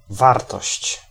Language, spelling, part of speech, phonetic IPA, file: Polish, wartość, noun, [ˈvartɔɕt͡ɕ], Pl-wartość.ogg